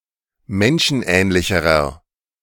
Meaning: inflection of menschenähnlich: 1. strong/mixed nominative masculine singular comparative degree 2. strong genitive/dative feminine singular comparative degree
- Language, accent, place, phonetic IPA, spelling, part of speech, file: German, Germany, Berlin, [ˈmɛnʃn̩ˌʔɛːnlɪçəʁɐ], menschenähnlicherer, adjective, De-menschenähnlicherer.ogg